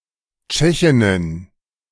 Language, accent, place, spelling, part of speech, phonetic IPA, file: German, Germany, Berlin, Tschechinnen, noun, [ˈtʃɛçɪnən], De-Tschechinnen.ogg
- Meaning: plural of Tschechin